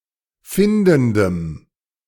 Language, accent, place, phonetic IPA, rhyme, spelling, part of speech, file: German, Germany, Berlin, [ˈfɪndn̩dəm], -ɪndn̩dəm, findendem, adjective, De-findendem.ogg
- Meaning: strong dative masculine/neuter singular of findend